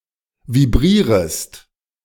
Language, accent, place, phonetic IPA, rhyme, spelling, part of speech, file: German, Germany, Berlin, [viˈbʁiːʁəst], -iːʁəst, vibrierest, verb, De-vibrierest.ogg
- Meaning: second-person singular subjunctive I of vibrieren